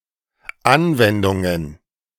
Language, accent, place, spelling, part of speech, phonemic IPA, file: German, Germany, Berlin, Anwendungen, noun, /ˈʔanvɛndʊŋən/, De-Anwendungen.ogg
- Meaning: plural of Anwendung